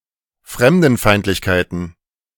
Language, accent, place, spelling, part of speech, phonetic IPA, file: German, Germany, Berlin, Fremdenfeindlichkeiten, noun, [ˈfʁɛmdn̩ˌfaɪ̯ntlɪçkaɪ̯tn̩], De-Fremdenfeindlichkeiten.ogg
- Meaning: plural of Fremdenfeindlichkeit